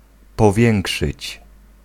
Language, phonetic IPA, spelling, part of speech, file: Polish, [pɔˈvʲjɛ̃ŋkʃɨt͡ɕ], powiększyć, verb, Pl-powiększyć.ogg